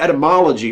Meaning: The scientific study of the origin and evolution of a word's semantic meaning across time, including its constituent morphemes and phonemes
- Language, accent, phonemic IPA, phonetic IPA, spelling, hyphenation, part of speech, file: English, US, /ˌɛtəˈmɑləd͡ʒi/, [ˌɛɾəˈmɑləd͡ʒi], etymology, e‧ty‧mo‧lo‧gy, noun, En-us-etymology.ogg